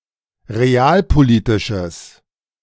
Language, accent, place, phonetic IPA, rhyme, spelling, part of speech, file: German, Germany, Berlin, [ʁeˈaːlpoˌliːtɪʃəs], -aːlpoliːtɪʃəs, realpolitisches, adjective, De-realpolitisches.ogg
- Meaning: strong/mixed nominative/accusative neuter singular of realpolitisch